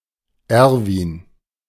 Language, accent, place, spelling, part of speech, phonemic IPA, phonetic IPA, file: German, Germany, Berlin, Erwin, proper noun, /ˈɛʁvɪn/, [ˈɛɐ̯vɪn], De-Erwin.ogg
- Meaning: a male given name, popular during the first half of the 20th century